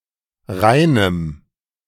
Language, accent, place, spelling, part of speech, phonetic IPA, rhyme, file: German, Germany, Berlin, reinem, adjective, [ˈʁaɪ̯nəm], -aɪ̯nəm, De-reinem.ogg
- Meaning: strong dative masculine/neuter singular of rein